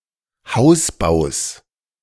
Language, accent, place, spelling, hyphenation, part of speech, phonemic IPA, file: German, Germany, Berlin, Hausbaus, Haus‧baus, noun, /ˈhaʊ̯sˌbaʊ̯s/, De-Hausbaus.ogg
- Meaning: genitive singular of Hausbau